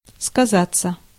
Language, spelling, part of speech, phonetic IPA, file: Russian, сказаться, verb, [skɐˈzat͡sːə], Ru-сказаться.ogg
- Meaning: 1. to affect 2. to manifest itself in, to show 3. to pretend to be (by reporting) 4. passive of сказа́ть (skazátʹ)